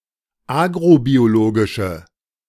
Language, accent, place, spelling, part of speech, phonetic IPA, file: German, Germany, Berlin, agrobiologische, adjective, [ˈaːɡʁobioˌloːɡɪʃə], De-agrobiologische.ogg
- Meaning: inflection of agrobiologisch: 1. strong/mixed nominative/accusative feminine singular 2. strong nominative/accusative plural 3. weak nominative all-gender singular